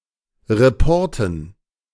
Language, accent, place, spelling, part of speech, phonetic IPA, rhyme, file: German, Germany, Berlin, Reporten, noun, [ʁeˈpɔʁtn̩], -ɔʁtn̩, De-Reporten.ogg
- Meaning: dative plural of Report